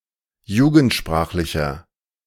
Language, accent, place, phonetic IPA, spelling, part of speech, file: German, Germany, Berlin, [ˈjuːɡn̩tˌʃpʁaːxlɪçɐ], jugendsprachlicher, adjective, De-jugendsprachlicher.ogg
- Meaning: inflection of jugendsprachlich: 1. strong/mixed nominative masculine singular 2. strong genitive/dative feminine singular 3. strong genitive plural